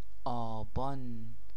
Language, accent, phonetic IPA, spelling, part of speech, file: Persian, Iran, [ʔɒː.bɒ́ːn], آبان, proper noun, Fa-آبان.ogg
- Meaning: 1. Aban (the eighth solar month of the Persian calendar) 2. Name of the tenth day of any month of the Zoroastrian calendar